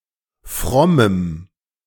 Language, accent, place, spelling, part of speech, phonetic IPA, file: German, Germany, Berlin, frommem, adjective, [ˈfʁɔməm], De-frommem.ogg
- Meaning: strong dative masculine/neuter singular of fromm